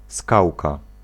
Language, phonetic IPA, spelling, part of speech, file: Polish, [ˈskawka], skałka, noun, Pl-skałka.ogg